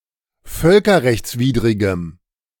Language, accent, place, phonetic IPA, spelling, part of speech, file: German, Germany, Berlin, [ˈfœlkɐʁɛçt͡sˌviːdʁɪɡəm], völkerrechtswidrigem, adjective, De-völkerrechtswidrigem.ogg
- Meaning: strong dative masculine/neuter singular of völkerrechtswidrig